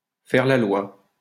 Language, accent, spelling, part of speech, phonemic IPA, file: French, France, faire la loi, verb, /fɛʁ la lwa/, LL-Q150 (fra)-faire la loi.wav
- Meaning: to call the shots, to call the tune, to rule the roost (to be the one who makes the rules, to be the one who decides)